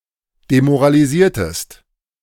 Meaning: inflection of demoralisieren: 1. second-person singular preterite 2. second-person singular subjunctive II
- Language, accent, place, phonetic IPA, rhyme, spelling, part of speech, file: German, Germany, Berlin, [demoʁaliˈziːɐ̯təst], -iːɐ̯təst, demoralisiertest, verb, De-demoralisiertest.ogg